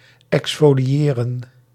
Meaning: to remove a layer of skin, as in cosmetic preparation; to exfoliate
- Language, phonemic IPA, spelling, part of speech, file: Dutch, /ˌɛks.foː.liˈeː.rə(n)/, exfoliëren, verb, Nl-exfoliëren.ogg